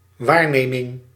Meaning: 1. observation 2. perception
- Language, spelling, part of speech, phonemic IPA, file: Dutch, waarneming, noun, /ˈwarnemɪŋ/, Nl-waarneming.ogg